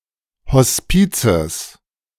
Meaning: genitive singular of Hospiz
- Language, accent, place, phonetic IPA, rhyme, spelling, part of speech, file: German, Germany, Berlin, [hɔsˈpiːt͡səs], -iːt͡səs, Hospizes, noun, De-Hospizes.ogg